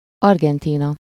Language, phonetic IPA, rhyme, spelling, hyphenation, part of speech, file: Hungarian, [ˈɒrɡɛntiːnɒ], -nɒ, Argentína, Ar‧gen‧tí‧na, proper noun, Hu-Argentína.ogg
- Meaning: Argentina (a country in South America; official name: Argentin Köztársaság)